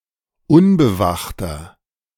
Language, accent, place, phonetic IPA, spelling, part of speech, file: German, Germany, Berlin, [ˈʊnbəˌvaxtɐ], unbewachter, adjective, De-unbewachter.ogg
- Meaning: inflection of unbewacht: 1. strong/mixed nominative masculine singular 2. strong genitive/dative feminine singular 3. strong genitive plural